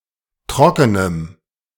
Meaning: strong dative masculine/neuter singular of trocken
- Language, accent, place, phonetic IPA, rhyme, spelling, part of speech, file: German, Germany, Berlin, [ˈtʁɔkənəm], -ɔkənəm, trockenem, adjective, De-trockenem.ogg